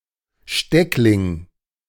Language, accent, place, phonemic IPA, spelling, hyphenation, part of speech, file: German, Germany, Berlin, /ˈʃtɛklɪŋ/, Steckling, Steck‧ling, noun, De-Steckling.ogg
- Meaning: cutting